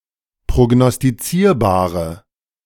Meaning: inflection of prognostizierbar: 1. strong/mixed nominative/accusative feminine singular 2. strong nominative/accusative plural 3. weak nominative all-gender singular
- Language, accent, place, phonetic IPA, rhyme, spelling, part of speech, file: German, Germany, Berlin, [pʁoɡnɔstiˈt͡siːɐ̯baːʁə], -iːɐ̯baːʁə, prognostizierbare, adjective, De-prognostizierbare.ogg